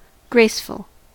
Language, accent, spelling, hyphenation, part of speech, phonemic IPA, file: English, US, graceful, grace‧ful, adjective, /ˈɡɹeɪsfʊl/, En-us-graceful.ogg
- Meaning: 1. Having or showing grace in movement, shape, or proportion 2. Magnanimous, lacking arrogance or complaint; gracious 3. Gradual and non-disruptive